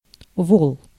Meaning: ox, bullock
- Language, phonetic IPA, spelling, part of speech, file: Russian, [voɫ], вол, noun, Ru-вол.ogg